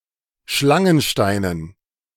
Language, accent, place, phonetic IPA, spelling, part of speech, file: German, Germany, Berlin, [ˈʃlaŋənˌʃtaɪ̯nən], Schlangensteinen, noun, De-Schlangensteinen.ogg
- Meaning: dative plural of Schlangenstein